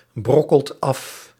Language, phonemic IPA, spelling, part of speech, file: Dutch, /ˈbrɔkəlt ˈɑf/, brokkelt af, verb, Nl-brokkelt af.ogg
- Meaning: inflection of afbrokkelen: 1. second/third-person singular present indicative 2. plural imperative